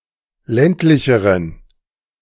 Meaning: inflection of ländlich: 1. strong genitive masculine/neuter singular comparative degree 2. weak/mixed genitive/dative all-gender singular comparative degree
- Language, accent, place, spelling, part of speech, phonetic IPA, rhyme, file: German, Germany, Berlin, ländlicheren, adjective, [ˈlɛntlɪçəʁən], -ɛntlɪçəʁən, De-ländlicheren.ogg